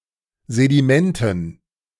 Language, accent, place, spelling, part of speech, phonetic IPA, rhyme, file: German, Germany, Berlin, Sedimenten, noun, [zediˈmɛntn̩], -ɛntn̩, De-Sedimenten.ogg
- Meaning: dative plural of Sediment